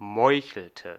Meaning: inflection of meucheln: 1. first/third-person singular preterite 2. first/third-person singular subjunctive II
- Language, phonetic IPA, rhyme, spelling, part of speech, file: German, [ˈmɔɪ̯çl̩tə], -ɔɪ̯çl̩tə, meuchelte, verb, De-meuchelte.ogg